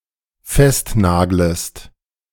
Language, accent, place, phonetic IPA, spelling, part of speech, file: German, Germany, Berlin, [ˈfɛstˌnaːɡləst], festnaglest, verb, De-festnaglest.ogg
- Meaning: second-person singular dependent subjunctive I of festnageln